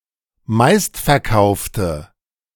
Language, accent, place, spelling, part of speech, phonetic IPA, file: German, Germany, Berlin, meistverkaufte, adjective, [ˈmaɪ̯stfɛɐ̯ˌkaʊ̯ftə], De-meistverkaufte.ogg
- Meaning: inflection of meistverkauft: 1. strong/mixed nominative/accusative feminine singular 2. strong nominative/accusative plural 3. weak nominative all-gender singular